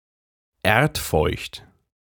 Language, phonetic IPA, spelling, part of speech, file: German, [ˈeːɐ̯tˌfɔɪ̯çt], erdfeucht, adjective, De-erdfeucht.ogg
- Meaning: moist as soil